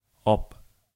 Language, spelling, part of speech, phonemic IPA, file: German, ob, conjunction, /ɔp/, De-ob.ogg
- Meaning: 1. Introduces an indirect question, a doubt. if, whether 2. if, in case